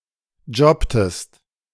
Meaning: inflection of jobben: 1. second-person singular preterite 2. second-person singular subjunctive II
- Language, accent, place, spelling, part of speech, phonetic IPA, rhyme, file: German, Germany, Berlin, jobbtest, verb, [ˈd͡ʒɔptəst], -ɔptəst, De-jobbtest.ogg